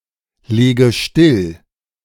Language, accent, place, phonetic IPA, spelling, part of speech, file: German, Germany, Berlin, [ˌleːɡə ˈʃtɪl], lege still, verb, De-lege still.ogg
- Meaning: inflection of stilllegen: 1. first-person singular present 2. first/third-person singular subjunctive I 3. singular imperative